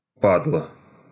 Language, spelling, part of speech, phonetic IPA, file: Russian, падло, noun, [ˈpadɫə], Ru-падло́.ogg
- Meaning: crud, scum, creep, dirtbag, dirtball, scumbag, scuzzball, sleaze, sleazeball, slimeball